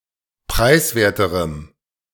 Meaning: strong dative masculine/neuter singular comparative degree of preiswert
- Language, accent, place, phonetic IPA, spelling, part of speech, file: German, Germany, Berlin, [ˈpʁaɪ̯sˌveːɐ̯təʁəm], preiswerterem, adjective, De-preiswerterem.ogg